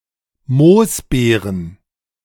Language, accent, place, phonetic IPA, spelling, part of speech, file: German, Germany, Berlin, [ˈmoːsˌbeːʁn̩], Moosbeeren, noun, De-Moosbeeren.ogg
- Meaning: plural of Moosbeere